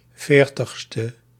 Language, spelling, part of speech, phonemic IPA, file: Dutch, 40e, adjective, /ˈfertəxstə/, Nl-40e.ogg
- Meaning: abbreviation of veertigste